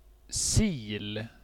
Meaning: 1. a strainer 2. a dose of an injected recreational drug, a shot
- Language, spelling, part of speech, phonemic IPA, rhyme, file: Swedish, sil, noun, /siːl/, -iːl, Sv-sil.ogg